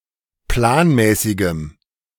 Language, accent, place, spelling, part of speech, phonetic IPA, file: German, Germany, Berlin, planmäßigem, adjective, [ˈplaːnˌmɛːsɪɡəm], De-planmäßigem.ogg
- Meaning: strong dative masculine/neuter singular of planmäßig